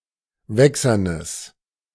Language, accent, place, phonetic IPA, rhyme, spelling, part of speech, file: German, Germany, Berlin, [ˈvɛksɐnəs], -ɛksɐnəs, wächsernes, adjective, De-wächsernes.ogg
- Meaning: strong/mixed nominative/accusative neuter singular of wächsern